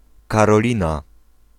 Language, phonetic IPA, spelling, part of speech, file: Polish, [ˌkarɔˈlʲĩna], Karolina, proper noun, Pl-Karolina.ogg